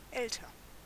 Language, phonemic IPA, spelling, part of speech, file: German, /ˈʔɛltɐ/, älter, adjective, De-älter.ogg
- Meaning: comparative degree of alt